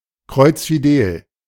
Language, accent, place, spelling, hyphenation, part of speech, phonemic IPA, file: German, Germany, Berlin, kreuzfidel, kreuz‧fi‧del, adjective, /ˈkʁɔʏ̯t͡sfiˌdeːl/, De-kreuzfidel.ogg
- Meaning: highly delighted